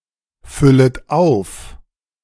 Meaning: second-person plural subjunctive I of auffüllen
- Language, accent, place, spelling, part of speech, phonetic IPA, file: German, Germany, Berlin, füllet auf, verb, [ˌfʏlət ˈaʊ̯f], De-füllet auf.ogg